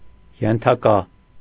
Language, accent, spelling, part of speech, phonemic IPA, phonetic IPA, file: Armenian, Eastern Armenian, ենթակա, noun / adjective, /jentʰɑˈkɑ/, [jentʰɑkɑ́], Hy-ենթակա.ogg
- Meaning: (noun) 1. subject 2. subordinate; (adjective) subject, subject to, subordinate